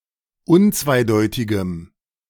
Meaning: strong dative masculine/neuter singular of unzweideutig
- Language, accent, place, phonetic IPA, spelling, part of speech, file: German, Germany, Berlin, [ˈʊnt͡svaɪ̯ˌdɔɪ̯tɪɡəm], unzweideutigem, adjective, De-unzweideutigem.ogg